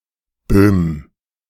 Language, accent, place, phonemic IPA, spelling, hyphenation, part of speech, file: German, Germany, Berlin, /bøːm/, Boehm, Boehm, proper noun, De-Boehm.ogg
- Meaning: a surname, Boehm, variant of Böhm